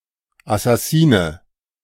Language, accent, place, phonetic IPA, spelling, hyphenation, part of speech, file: German, Germany, Berlin, [asaˈsiːnə], Assassine, As‧sas‧si‧ne, noun, De-Assassine.ogg
- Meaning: 1. assassin (member of the historical Ismaili Muslim militant group) 2. assassin (professional, contracted murderer)